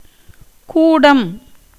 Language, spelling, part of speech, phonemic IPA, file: Tamil, கூடம், noun, /kuːɖɐm/, Ta-கூடம்.ogg
- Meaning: 1. hall, a large room; building 2. elephant-stall